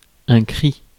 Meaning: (noun) 1. cry; shout; scream 2. Cree (language); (adjective) Cree
- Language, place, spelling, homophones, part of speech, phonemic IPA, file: French, Paris, cri, crie / cries / crient / cris, noun / adjective, /kʁi/, Fr-cri.ogg